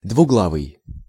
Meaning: two-headed, double-headed, bicephalous
- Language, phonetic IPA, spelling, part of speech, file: Russian, [dvʊˈɡɫavɨj], двуглавый, adjective, Ru-двуглавый.ogg